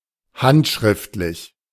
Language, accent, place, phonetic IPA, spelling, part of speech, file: German, Germany, Berlin, [ˈhantˌʃʁɪftlɪç], handschriftlich, adjective, De-handschriftlich.ogg
- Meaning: handwritten